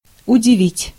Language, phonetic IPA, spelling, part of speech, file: Russian, [ʊdʲɪˈvʲitʲ], удивить, verb, Ru-удивить.ogg
- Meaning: to astonish, to surprise, to amaze